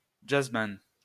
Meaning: jazzman
- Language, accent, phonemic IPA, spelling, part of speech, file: French, France, /dʒaz.man/, jazzman, noun, LL-Q150 (fra)-jazzman.wav